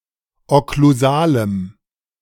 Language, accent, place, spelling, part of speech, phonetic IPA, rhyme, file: German, Germany, Berlin, okklusalem, adjective, [ɔkluˈzaːləm], -aːləm, De-okklusalem.ogg
- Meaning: strong dative masculine/neuter singular of okklusal